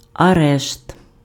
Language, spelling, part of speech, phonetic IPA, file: Ukrainian, арешт, noun, [ɐˈrɛʃt], Uk-арешт.ogg
- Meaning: arrest (act of arresting a criminal, suspect, etc.)